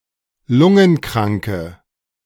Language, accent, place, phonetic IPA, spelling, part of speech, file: German, Germany, Berlin, [ˈlʊŋənˌkʁaŋkə], lungenkranke, adjective, De-lungenkranke.ogg
- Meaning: inflection of lungenkrank: 1. strong/mixed nominative/accusative feminine singular 2. strong nominative/accusative plural 3. weak nominative all-gender singular